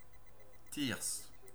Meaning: 1. thyrsus 2. thyrse
- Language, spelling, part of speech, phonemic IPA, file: French, thyrse, noun, /tiʁs/, Fr-thyrse.ogg